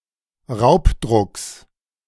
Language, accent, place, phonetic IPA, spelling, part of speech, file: German, Germany, Berlin, [ˈʁaʊ̯pˌdʁʊks], Raubdrucks, noun, De-Raubdrucks.ogg
- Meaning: genitive of Raubdruck